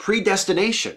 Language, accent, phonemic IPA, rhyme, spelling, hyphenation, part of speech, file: English, US, /pɹi.dɛs.tɪˈneɪ.ʃən/, -eɪʃən, predestination, pre‧des‧ti‧na‧tion, noun, En-us-predestination.ogg
- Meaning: 1. The doctrine that everything has been foreordained by God or by fate 2. The doctrine that certain people have been elected for salvation, and sometimes also that others are destined for reprobation